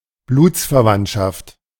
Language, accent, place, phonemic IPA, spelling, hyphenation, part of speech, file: German, Germany, Berlin, /ˈbluːt͡sfɛɐ̯ˌvantʃaft/, Blutsverwandtschaft, Bluts‧ver‧wandt‧schaft, noun, De-Blutsverwandtschaft.ogg
- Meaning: consanguinity